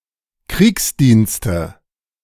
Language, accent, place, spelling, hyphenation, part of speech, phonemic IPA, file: German, Germany, Berlin, Kriegsdienste, Kriegs‧diens‧te, noun, /ˈkʁiːksˌdiːnstə/, De-Kriegsdienste.ogg
- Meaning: genitive singular of Kriegsdienst